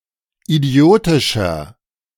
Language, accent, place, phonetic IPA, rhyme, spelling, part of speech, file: German, Germany, Berlin, [iˈdi̯oːtɪʃɐ], -oːtɪʃɐ, idiotischer, adjective, De-idiotischer.ogg
- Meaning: 1. comparative degree of idiotisch 2. inflection of idiotisch: strong/mixed nominative masculine singular 3. inflection of idiotisch: strong genitive/dative feminine singular